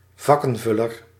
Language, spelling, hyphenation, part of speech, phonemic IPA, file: Dutch, vakkenvuller, vak‧ken‧vul‧ler, noun, /ˈvɑ.kə(n)ˌvʏ.lər/, Nl-vakkenvuller.ogg
- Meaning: a shelf stacker